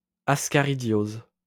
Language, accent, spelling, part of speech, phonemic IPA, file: French, France, ascaridiose, noun, /as.ka.ʁi.djoz/, LL-Q150 (fra)-ascaridiose.wav
- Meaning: ascariasis